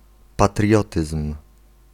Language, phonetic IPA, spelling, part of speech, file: Polish, [paˈtrʲjɔtɨsm̥], patriotyzm, noun, Pl-patriotyzm.ogg